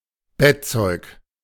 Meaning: bedclothes, bedding
- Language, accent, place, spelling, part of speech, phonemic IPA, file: German, Germany, Berlin, Bettzeug, noun, /ˈbɛtˌt͡sɔɪ̯k/, De-Bettzeug.ogg